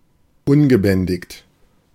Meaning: undisciplined
- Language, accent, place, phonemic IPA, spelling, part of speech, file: German, Germany, Berlin, /ˈʊnɡəˌbɛndɪçt/, ungebändigt, adjective, De-ungebändigt.ogg